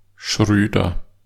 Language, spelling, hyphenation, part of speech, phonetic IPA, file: German, Schröder, Schrö‧der, proper noun, [ˈʃʁøːdɐ], De-Schröder.ogg
- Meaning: a common surname originating as an occupation